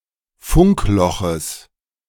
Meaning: genitive of Funkloch
- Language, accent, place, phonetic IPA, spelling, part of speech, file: German, Germany, Berlin, [ˈfʊŋkˌlɔxəs], Funkloches, noun, De-Funkloches.ogg